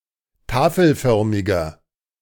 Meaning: inflection of tafelförmig: 1. strong/mixed nominative masculine singular 2. strong genitive/dative feminine singular 3. strong genitive plural
- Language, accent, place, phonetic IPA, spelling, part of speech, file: German, Germany, Berlin, [ˈtaːfl̩ˌfœʁmɪɡɐ], tafelförmiger, adjective, De-tafelförmiger.ogg